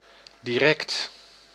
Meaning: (adjective) 1. direct, immediate 2. direct, blunt, frank; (adverb) immediately
- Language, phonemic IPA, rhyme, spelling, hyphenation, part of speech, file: Dutch, /diˈrɛkt/, -ɛkt, direct, di‧rect, adjective / adverb, Nl-direct.ogg